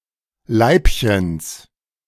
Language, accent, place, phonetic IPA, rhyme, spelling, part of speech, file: German, Germany, Berlin, [ˈlaɪ̯pçəns], -aɪ̯pçəns, Leibchens, noun, De-Leibchens.ogg
- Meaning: genitive singular of Leibchen